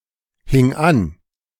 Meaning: first/third-person singular preterite of anhängen
- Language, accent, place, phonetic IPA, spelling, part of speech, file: German, Germany, Berlin, [hɪŋ ˈan], hing an, verb, De-hing an.ogg